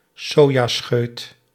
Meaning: mung bean sprout
- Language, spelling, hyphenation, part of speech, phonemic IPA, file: Dutch, sojascheut, so‧ja‧scheut, noun, /ˈsoː.jaːˌsxøːt/, Nl-sojascheut.ogg